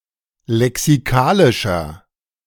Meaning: inflection of lexikalisch: 1. strong/mixed nominative masculine singular 2. strong genitive/dative feminine singular 3. strong genitive plural
- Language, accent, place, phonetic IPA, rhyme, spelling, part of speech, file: German, Germany, Berlin, [lɛksiˈkaːlɪʃɐ], -aːlɪʃɐ, lexikalischer, adjective, De-lexikalischer.ogg